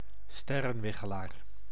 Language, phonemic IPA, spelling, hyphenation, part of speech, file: Dutch, /ˈstɛ.rə(n)ˌʋɪ.xə.laːr/, sterrenwichelaar, ster‧ren‧wi‧che‧laar, noun, Nl-sterrenwichelaar.ogg
- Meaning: astrologer